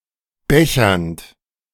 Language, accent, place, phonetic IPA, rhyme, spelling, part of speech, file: German, Germany, Berlin, [ˈbɛçɐnt], -ɛçɐnt, bechernd, verb, De-bechernd.ogg
- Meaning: present participle of bechern